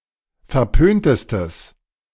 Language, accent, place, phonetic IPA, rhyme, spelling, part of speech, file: German, Germany, Berlin, [fɛɐ̯ˈpøːntəstəs], -øːntəstəs, verpöntestes, adjective, De-verpöntestes.ogg
- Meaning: strong/mixed nominative/accusative neuter singular superlative degree of verpönt